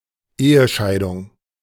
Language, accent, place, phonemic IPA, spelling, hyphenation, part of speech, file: German, Germany, Berlin, /ˈeːəˌʃaɪ̯dʊŋ/, Ehescheidung, Ehe‧schei‧dung, noun, De-Ehescheidung.ogg
- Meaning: divorce